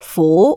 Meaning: 1. Jyutping transcription of 苦 2. Jyutping transcription of 府 3. Jyutping transcription of 䌗 4. Jyutping transcription of 䩉 5. Jyutping transcription of 撫 /抚
- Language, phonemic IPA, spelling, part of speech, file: Cantonese, /fuː˧˥/, fu2, romanization, Yue-fu2.ogg